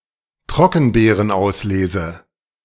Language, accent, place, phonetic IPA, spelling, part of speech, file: German, Germany, Berlin, [ˈtʁɔkn̩beːʁənˌʔaʊ̯sleːzə], Trockenbeerenauslese, noun, De-Trockenbeerenauslese.ogg
- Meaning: Wine produced from specially selected and individually picked grapes. These grapes are afflicted with noble rot and therefore semi-dehydrated and shrivelled